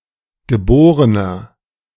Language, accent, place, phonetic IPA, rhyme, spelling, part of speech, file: German, Germany, Berlin, [ɡəˈboːʁənɐ], -oːʁənɐ, geborener, adjective, De-geborener.ogg
- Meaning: inflection of geboren: 1. strong/mixed nominative masculine singular 2. strong genitive/dative feminine singular 3. strong genitive plural